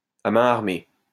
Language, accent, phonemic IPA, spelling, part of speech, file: French, France, /a mɛ̃ aʁ.me/, à main armée, adjective, LL-Q150 (fra)-à main armée.wav
- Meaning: armed